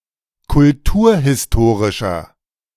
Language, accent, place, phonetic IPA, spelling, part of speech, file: German, Germany, Berlin, [kʊlˈtuːɐ̯hɪsˌtoːʁɪʃɐ], kulturhistorischer, adjective, De-kulturhistorischer.ogg
- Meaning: inflection of kulturhistorisch: 1. strong/mixed nominative masculine singular 2. strong genitive/dative feminine singular 3. strong genitive plural